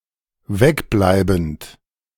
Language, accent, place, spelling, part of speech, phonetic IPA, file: German, Germany, Berlin, wegbleibend, verb, [ˈvɛkˌblaɪ̯bn̩t], De-wegbleibend.ogg
- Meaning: present participle of wegbleiben